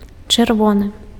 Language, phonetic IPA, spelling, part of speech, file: Belarusian, [t͡ʂɨrˈvonɨ], чырвоны, adjective, Be-чырвоны.ogg
- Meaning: red